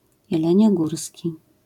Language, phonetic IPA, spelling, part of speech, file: Polish, [ˌjɛlɛ̃ɲɔˈɡursʲci], jeleniogórski, adjective, LL-Q809 (pol)-jeleniogórski.wav